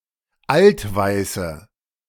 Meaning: inflection of altweiß: 1. strong/mixed nominative/accusative feminine singular 2. strong nominative/accusative plural 3. weak nominative all-gender singular 4. weak accusative feminine/neuter singular
- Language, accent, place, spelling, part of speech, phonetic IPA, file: German, Germany, Berlin, altweiße, adjective, [ˈaltˌvaɪ̯sə], De-altweiße.ogg